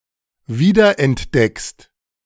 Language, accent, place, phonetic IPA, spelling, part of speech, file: German, Germany, Berlin, [ˈviːdɐʔɛntˌdɛkst], wiederentdeckst, verb, De-wiederentdeckst.ogg
- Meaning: second-person singular present of wiederentdecken